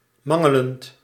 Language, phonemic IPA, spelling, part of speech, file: Dutch, /ˈmɑŋələnt/, mangelend, verb, Nl-mangelend.ogg
- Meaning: present participle of mangelen